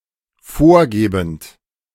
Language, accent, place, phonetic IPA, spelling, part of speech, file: German, Germany, Berlin, [ˈfoːɐ̯ˌɡeːbn̩t], vorgebend, verb, De-vorgebend.ogg
- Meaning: present participle of vorgeben